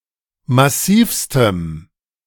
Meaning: strong dative masculine/neuter singular superlative degree of massiv
- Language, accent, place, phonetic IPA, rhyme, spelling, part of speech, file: German, Germany, Berlin, [maˈsiːfstəm], -iːfstəm, massivstem, adjective, De-massivstem.ogg